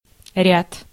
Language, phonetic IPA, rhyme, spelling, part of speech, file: Russian, [rʲat], -at, ряд, noun, Ru-ряд.ogg
- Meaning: 1. row, line, tier 2. ranks (the body or membership of an organization; the soldiers of an army) 3. series 4. a number of, several 5. degree of backness or frontness